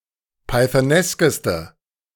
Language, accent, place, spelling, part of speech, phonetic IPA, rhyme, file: German, Germany, Berlin, pythoneskeste, adjective, [paɪ̯θəˈnɛskəstə], -ɛskəstə, De-pythoneskeste.ogg
- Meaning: inflection of pythonesk: 1. strong/mixed nominative/accusative feminine singular superlative degree 2. strong nominative/accusative plural superlative degree